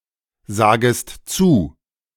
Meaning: second-person singular subjunctive I of zusagen
- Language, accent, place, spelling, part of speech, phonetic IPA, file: German, Germany, Berlin, sagest zu, verb, [ˌzaːɡəst ˈt͡suː], De-sagest zu.ogg